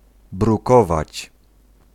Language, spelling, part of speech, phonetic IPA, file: Polish, brukować, verb, [bruˈkɔvat͡ɕ], Pl-brukować.ogg